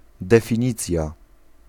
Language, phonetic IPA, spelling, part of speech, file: Polish, [ˌdɛfʲĩˈɲit͡sʲja], definicja, noun, Pl-definicja.ogg